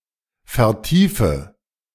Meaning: inflection of vertiefen: 1. first-person singular present 2. first/third-person singular subjunctive I 3. singular imperative
- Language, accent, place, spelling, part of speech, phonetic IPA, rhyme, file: German, Germany, Berlin, vertiefe, verb, [fɛɐ̯ˈtiːfə], -iːfə, De-vertiefe.ogg